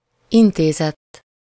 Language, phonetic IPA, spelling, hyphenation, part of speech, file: Hungarian, [ˈinteːzɛtː], intézett, in‧té‧zett, verb, Hu-intézett.ogg
- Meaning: third-person singular indicative past indefinite of intéz